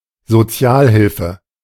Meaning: income support, minimal social assistance
- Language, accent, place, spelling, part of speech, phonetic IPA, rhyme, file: German, Germany, Berlin, Sozialhilfe, noun, [zoˈt͡si̯aːlˌhɪlfə], -aːlhɪlfə, De-Sozialhilfe.ogg